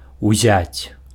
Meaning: to take (after consonants or at the beginning of a clause)
- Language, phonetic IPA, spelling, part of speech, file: Belarusian, [uˈzʲat͡sʲ], узяць, verb, Be-узяць.ogg